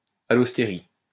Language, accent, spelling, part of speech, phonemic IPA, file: French, France, allostérie, noun, /a.lɔs.te.ʁi/, LL-Q150 (fra)-allostérie.wav
- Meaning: allostery